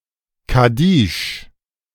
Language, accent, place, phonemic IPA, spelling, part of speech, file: German, Germany, Berlin, /kaˈdiːʃ/, Kaddisch, noun, De-Kaddisch.ogg
- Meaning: kaddish